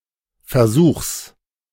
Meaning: genitive singular of Versuch
- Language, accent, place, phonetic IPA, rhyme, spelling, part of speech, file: German, Germany, Berlin, [fɛɐ̯ˈzuːxs], -uːxs, Versuchs, noun, De-Versuchs.ogg